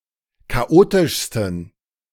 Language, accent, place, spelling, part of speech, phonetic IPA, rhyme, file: German, Germany, Berlin, chaotischsten, adjective, [kaˈʔoːtɪʃstn̩], -oːtɪʃstn̩, De-chaotischsten.ogg
- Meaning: 1. superlative degree of chaotisch 2. inflection of chaotisch: strong genitive masculine/neuter singular superlative degree